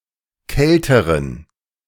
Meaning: inflection of kalt: 1. strong genitive masculine/neuter singular comparative degree 2. weak/mixed genitive/dative all-gender singular comparative degree
- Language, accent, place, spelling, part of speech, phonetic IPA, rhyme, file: German, Germany, Berlin, kälteren, adjective, [ˈkɛltəʁən], -ɛltəʁən, De-kälteren.ogg